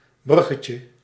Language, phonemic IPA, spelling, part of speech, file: Dutch, /ˈbrʏɣəcə/, bruggetje, noun, Nl-bruggetje.ogg
- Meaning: diminutive of brug